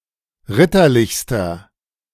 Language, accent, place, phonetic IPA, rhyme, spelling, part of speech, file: German, Germany, Berlin, [ˈʁɪtɐˌlɪçstɐ], -ɪtɐlɪçstɐ, ritterlichster, adjective, De-ritterlichster.ogg
- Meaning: inflection of ritterlich: 1. strong/mixed nominative masculine singular superlative degree 2. strong genitive/dative feminine singular superlative degree 3. strong genitive plural superlative degree